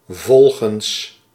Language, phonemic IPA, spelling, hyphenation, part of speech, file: Dutch, /ˈvɔl.ɣə(n)s/, volgens, vol‧gens, preposition, Nl-volgens.ogg
- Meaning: according to